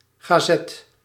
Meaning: newspaper
- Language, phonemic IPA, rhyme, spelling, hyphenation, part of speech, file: Dutch, /ɣaːˈzɛt/, -ɛt, gazet, ga‧zet, noun, Nl-gazet.ogg